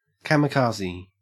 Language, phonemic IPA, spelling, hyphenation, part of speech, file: English, /ˌkɐː.mɪˈkɐː.ziː/, kamikaze, ka‧mi‧ka‧ze, noun / verb / adjective, En-au-kamikaze.ogg
- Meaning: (noun) 1. An attack requiring the suicide of the one carrying it out, especially when done with an aircraft 2. One who carries out a suicide attack, especially with an aircraft